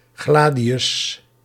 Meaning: Roman short sword; gladius
- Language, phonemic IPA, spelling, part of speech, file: Dutch, /ˈɣladijʏs/, gladius, noun, Nl-gladius.ogg